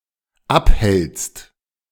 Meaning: second-person singular dependent present of abhalten
- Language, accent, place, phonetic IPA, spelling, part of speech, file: German, Germany, Berlin, [ˈapˌhɛlt͡st], abhältst, verb, De-abhältst.ogg